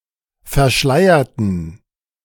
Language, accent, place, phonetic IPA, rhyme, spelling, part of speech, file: German, Germany, Berlin, [fɛɐ̯ˈʃlaɪ̯ɐtn̩], -aɪ̯ɐtn̩, verschleierten, adjective / verb, De-verschleierten.ogg
- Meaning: inflection of verschleiern: 1. first/third-person plural preterite 2. first/third-person plural subjunctive II